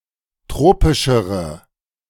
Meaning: inflection of tropisch: 1. strong/mixed nominative/accusative feminine singular comparative degree 2. strong nominative/accusative plural comparative degree
- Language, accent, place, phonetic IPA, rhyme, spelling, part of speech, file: German, Germany, Berlin, [ˈtʁoːpɪʃəʁə], -oːpɪʃəʁə, tropischere, adjective, De-tropischere.ogg